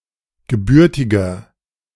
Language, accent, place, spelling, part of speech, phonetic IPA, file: German, Germany, Berlin, gebürtiger, adjective, [ɡəˈbʏʁtɪɡɐ], De-gebürtiger.ogg
- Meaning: inflection of gebürtig: 1. strong/mixed nominative masculine singular 2. strong genitive/dative feminine singular 3. strong genitive plural